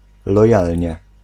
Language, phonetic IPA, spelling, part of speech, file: Polish, [lɔˈjalʲɲɛ], lojalnie, adverb, Pl-lojalnie.ogg